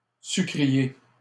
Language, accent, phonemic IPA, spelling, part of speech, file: French, Canada, /sy.kʁi.je/, sucrier, adjective / noun, LL-Q150 (fra)-sucrier.wav
- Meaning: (adjective) 1. sugar 2. sugar production; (noun) 1. a sugar producer or seller 2. sugar jar, sugar bowl